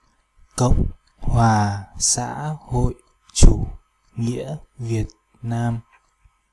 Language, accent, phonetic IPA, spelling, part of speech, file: Vietnamese, Hanoi, [kəwŋ͡m˧˨ʔ hwaː˨˩ saː˦ˀ˥ hoj˧˨ʔ t͡ɕu˧˩ ŋiə˦ˀ˥ viət̚˧˨ʔ naːm˧˧], Cộng hoà Xã hội chủ nghĩa Việt Nam, proper noun, Công hoà xa hoi chu nghia Viêt Nam.oga
- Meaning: Socialist Republic of Vietnam